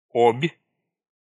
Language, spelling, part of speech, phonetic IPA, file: Russian, Обь, proper noun, [opʲ], Ru-Обь.ogg
- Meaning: 1. Ob (a major river in western Siberia, Russia) 2. Ob (Russian icebreaker)